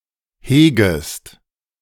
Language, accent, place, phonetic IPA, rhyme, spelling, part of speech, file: German, Germany, Berlin, [ˈheːɡəst], -eːɡəst, hegest, verb, De-hegest.ogg
- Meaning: second-person singular subjunctive I of hegen